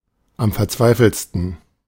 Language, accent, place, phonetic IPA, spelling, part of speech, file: German, Germany, Berlin, [fɛɐ̯ˈt͡svaɪ̯fl̩t], verzweifelt, adjective / verb, De-verzweifelt.ogg
- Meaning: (verb) past participle of verzweifeln; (adjective) desperate; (adverb) desperately; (verb) inflection of verzweifeln: 1. third-person singular present 2. second-person plural present